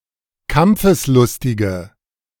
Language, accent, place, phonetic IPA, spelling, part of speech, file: German, Germany, Berlin, [ˈkamp͡fəsˌlʊstɪɡə], kampfeslustige, adjective, De-kampfeslustige.ogg
- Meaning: inflection of kampfeslustig: 1. strong/mixed nominative/accusative feminine singular 2. strong nominative/accusative plural 3. weak nominative all-gender singular